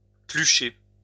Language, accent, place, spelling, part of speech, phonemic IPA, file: French, France, Lyon, plucher, verb, /ply.ʃe/, LL-Q150 (fra)-plucher.wav
- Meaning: to fluff up, to become fluffy